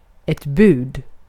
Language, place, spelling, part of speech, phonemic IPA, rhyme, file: Swedish, Gotland, bud, noun, /bʉːd/, -ʉːd, Sv-bud.ogg
- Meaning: 1. a message (also budskap) 2. a commandment (as in the Ten Commandments; also budord), a rule that must be obeyed (also påbud) 3. a bid, an offer (also anbud)